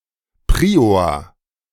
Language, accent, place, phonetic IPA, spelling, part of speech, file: German, Germany, Berlin, [ˈpʁiːoːɐ̯], Prior, noun, De-Prior.ogg
- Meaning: prior (high-ranking member of a monastery)